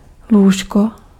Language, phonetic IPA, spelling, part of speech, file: Czech, [ˈluːʃko], lůžko, noun, Cs-lůžko.ogg
- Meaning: 1. bed 2. A place, surface or layer on which something else rests